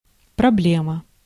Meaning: problem (difficulty)
- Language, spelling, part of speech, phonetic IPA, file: Russian, проблема, noun, [prɐˈblʲemə], Ru-проблема.ogg